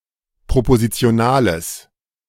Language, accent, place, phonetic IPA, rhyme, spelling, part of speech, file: German, Germany, Berlin, [pʁopozit͡si̯oˈnaːləs], -aːləs, propositionales, adjective, De-propositionales.ogg
- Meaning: strong/mixed nominative/accusative neuter singular of propositional